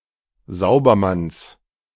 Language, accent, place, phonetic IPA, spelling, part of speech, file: German, Germany, Berlin, [ˈzaʊ̯bɐˌmans], Saubermanns, noun, De-Saubermanns.ogg
- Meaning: genitive of Saubermann